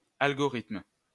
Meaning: algorithm
- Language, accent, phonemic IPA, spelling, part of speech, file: French, France, /al.ɡɔ.ʁitm/, algorithme, noun, LL-Q150 (fra)-algorithme.wav